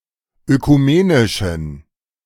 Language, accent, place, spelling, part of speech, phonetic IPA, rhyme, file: German, Germany, Berlin, ökumenischen, adjective, [økuˈmeːnɪʃn̩], -eːnɪʃn̩, De-ökumenischen.ogg
- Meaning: inflection of ökumenisch: 1. strong genitive masculine/neuter singular 2. weak/mixed genitive/dative all-gender singular 3. strong/weak/mixed accusative masculine singular 4. strong dative plural